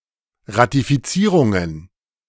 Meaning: plural of Ratifizierung
- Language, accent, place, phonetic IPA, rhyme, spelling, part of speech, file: German, Germany, Berlin, [ʁatifiˈt͡siːʁʊŋən], -iːʁʊŋən, Ratifizierungen, noun, De-Ratifizierungen.ogg